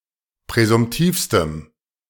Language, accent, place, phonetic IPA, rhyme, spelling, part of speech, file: German, Germany, Berlin, [pʁɛzʊmˈtiːfstəm], -iːfstəm, präsumtivstem, adjective, De-präsumtivstem.ogg
- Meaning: strong dative masculine/neuter singular superlative degree of präsumtiv